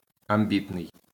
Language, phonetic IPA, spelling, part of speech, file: Ukrainian, [ɐmˈbʲitnei̯], амбітний, adjective, LL-Q8798 (ukr)-амбітний.wav
- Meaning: 1. ambitious (of a person) 2. ambitious (of a project)